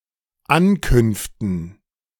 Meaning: dative plural of Ankunft
- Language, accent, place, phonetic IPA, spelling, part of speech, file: German, Germany, Berlin, [ˈankʏnftn̩], Ankünften, noun, De-Ankünften.ogg